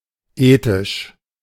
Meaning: etic
- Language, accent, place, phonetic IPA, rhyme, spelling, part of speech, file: German, Germany, Berlin, [ˈeːtɪʃ], -eːtɪʃ, etisch, adjective, De-etisch.ogg